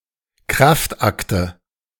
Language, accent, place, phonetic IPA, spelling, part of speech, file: German, Germany, Berlin, [ˈkʁaftˌʔaktə], Kraftakte, noun, De-Kraftakte.ogg
- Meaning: nominative/accusative/genitive plural of Kraftakt